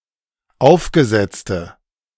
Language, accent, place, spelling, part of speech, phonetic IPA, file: German, Germany, Berlin, aufgesetzte, adjective, [ˈaʊ̯fɡəˌzɛt͡stə], De-aufgesetzte.ogg
- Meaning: inflection of aufgesetzt: 1. strong/mixed nominative/accusative feminine singular 2. strong nominative/accusative plural 3. weak nominative all-gender singular